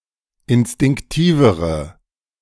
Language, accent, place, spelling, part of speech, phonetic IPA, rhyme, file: German, Germany, Berlin, instinktivere, adjective, [ɪnstɪŋkˈtiːvəʁə], -iːvəʁə, De-instinktivere.ogg
- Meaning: inflection of instinktiv: 1. strong/mixed nominative/accusative feminine singular comparative degree 2. strong nominative/accusative plural comparative degree